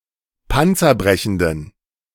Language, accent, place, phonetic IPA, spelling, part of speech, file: German, Germany, Berlin, [ˈpant͡sɐˌbʁɛçn̩dən], panzerbrechenden, adjective, De-panzerbrechenden.ogg
- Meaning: inflection of panzerbrechend: 1. strong genitive masculine/neuter singular 2. weak/mixed genitive/dative all-gender singular 3. strong/weak/mixed accusative masculine singular 4. strong dative plural